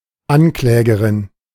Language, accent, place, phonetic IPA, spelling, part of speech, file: German, Germany, Berlin, [ˈanˌklɛːɡəʁɪn], Anklägerin, noun, De-Anklägerin.ogg
- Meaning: feminine of Ankläger